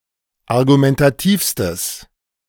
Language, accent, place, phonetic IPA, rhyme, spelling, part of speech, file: German, Germany, Berlin, [aʁɡumɛntaˈtiːfstəs], -iːfstəs, argumentativstes, adjective, De-argumentativstes.ogg
- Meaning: strong/mixed nominative/accusative neuter singular superlative degree of argumentativ